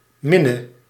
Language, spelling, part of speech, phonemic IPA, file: Dutch, minne, noun / adjective / verb, /ˈmɪnə/, Nl-minne.ogg
- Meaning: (noun) alternative form of min (“love, affection”); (verb) singular present subjunctive of minnen